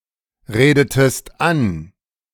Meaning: inflection of anreden: 1. second-person singular preterite 2. second-person singular subjunctive II
- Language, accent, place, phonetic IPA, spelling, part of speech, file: German, Germany, Berlin, [ˌʁeːdətəst ˈan], redetest an, verb, De-redetest an.ogg